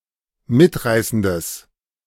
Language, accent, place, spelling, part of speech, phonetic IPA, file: German, Germany, Berlin, mitreißendes, adjective, [ˈmɪtˌʁaɪ̯sn̩dəs], De-mitreißendes.ogg
- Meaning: strong/mixed nominative/accusative neuter singular of mitreißend